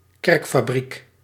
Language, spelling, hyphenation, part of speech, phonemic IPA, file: Dutch, kerkfabriek, kerk‧fa‧briek, noun, /ˈkɛrk.faːˌbrik/, Nl-kerkfabriek.ogg
- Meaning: body responsible for the governance of church assets and property